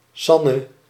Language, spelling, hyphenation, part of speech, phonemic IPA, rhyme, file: Dutch, Sanne, San‧ne, proper noun, /ˈsɑ.nə/, -ɑnə, Nl-Sanne.ogg
- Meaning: 1. a diminutive of the female given name Susanne 2. a male given name, via Frisian, sometimes a diminutive of Sander, Alexander or from Old Norse sannr (“true”)